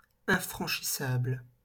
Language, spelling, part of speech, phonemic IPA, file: French, infranchissable, adjective, /ɛ̃.fʁɑ̃.ʃi.sabl/, LL-Q150 (fra)-infranchissable.wav
- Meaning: insurmountable, impassable